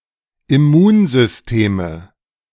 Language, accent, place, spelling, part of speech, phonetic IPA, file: German, Germany, Berlin, Immunsysteme, noun, [ɪˈmuːnzʏsˌteːmə], De-Immunsysteme.ogg
- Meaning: nominative/accusative/genitive plural of Immunsystem